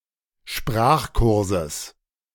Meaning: genitive of Sprachkurs
- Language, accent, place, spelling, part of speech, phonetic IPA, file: German, Germany, Berlin, Sprachkurses, noun, [ˈʃpʁaːxˌkʊʁzəs], De-Sprachkurses.ogg